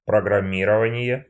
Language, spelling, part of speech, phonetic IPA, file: Russian, программирование, noun, [prəɡrɐˈmʲirəvənʲɪje], Ru-программирование.ogg
- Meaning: programming